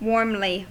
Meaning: 1. In a manner that maintains warm temperature 2. In a warm, friendly manner 3. With emotion, especially some anger; somewhat hotly
- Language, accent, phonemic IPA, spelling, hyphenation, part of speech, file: English, US, /ˈwɔɹmli/, warmly, warm‧ly, adverb, En-us-warmly.ogg